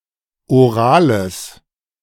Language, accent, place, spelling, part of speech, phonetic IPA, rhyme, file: German, Germany, Berlin, orales, adjective, [oˈʁaːləs], -aːləs, De-orales.ogg
- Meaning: strong/mixed nominative/accusative neuter singular of oral